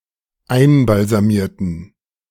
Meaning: inflection of einbalsamieren: 1. first/third-person plural dependent preterite 2. first/third-person plural dependent subjunctive II
- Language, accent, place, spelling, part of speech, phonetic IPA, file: German, Germany, Berlin, einbalsamierten, adjective / verb, [ˈaɪ̯nbalzaˌmiːɐ̯tn̩], De-einbalsamierten.ogg